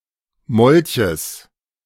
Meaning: genitive singular of Molch
- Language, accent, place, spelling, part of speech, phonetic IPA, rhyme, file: German, Germany, Berlin, Molches, noun, [ˈmɔlçəs], -ɔlçəs, De-Molches.ogg